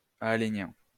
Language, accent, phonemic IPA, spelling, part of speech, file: French, France, /a.le.njɛ̃/, aalénien, adjective, LL-Q150 (fra)-aalénien.wav
- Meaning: Aalenian